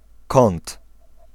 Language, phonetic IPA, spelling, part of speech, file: Polish, [kɔ̃nt], kąt, noun, Pl-kąt.ogg